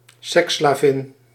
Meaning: a female sex slave (woman forced into sexual work)
- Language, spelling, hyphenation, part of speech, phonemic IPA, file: Dutch, seksslavin, seks‧sla‧vin, noun, /ˈsɛk(s).slaːˌvɪn/, Nl-seksslavin.ogg